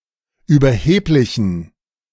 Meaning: inflection of überheblich: 1. strong genitive masculine/neuter singular 2. weak/mixed genitive/dative all-gender singular 3. strong/weak/mixed accusative masculine singular 4. strong dative plural
- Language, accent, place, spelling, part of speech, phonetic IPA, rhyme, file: German, Germany, Berlin, überheblichen, adjective, [yːbɐˈheːplɪçn̩], -eːplɪçn̩, De-überheblichen.ogg